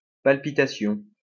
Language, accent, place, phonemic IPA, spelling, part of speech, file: French, France, Lyon, /pal.pi.ta.sjɔ̃/, palpitation, noun, LL-Q150 (fra)-palpitation.wav
- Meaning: palpitation